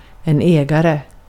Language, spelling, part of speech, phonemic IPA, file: Swedish, ägare, noun, /ˈɛːˌɡarɛ/, Sv-ägare.ogg
- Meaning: owner (one who owns)